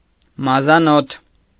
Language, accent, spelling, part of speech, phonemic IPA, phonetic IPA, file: Armenian, Eastern Armenian, մազանոթ, noun, /mɑzɑˈnotʰ/, [mɑzɑnótʰ], Hy-մազանոթ.ogg
- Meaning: capillary